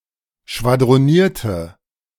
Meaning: inflection of schwadronieren: 1. first/third-person singular preterite 2. first/third-person singular subjunctive II
- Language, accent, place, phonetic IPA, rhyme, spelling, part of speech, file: German, Germany, Berlin, [ʃvadʁoˈniːɐ̯tə], -iːɐ̯tə, schwadronierte, verb, De-schwadronierte.ogg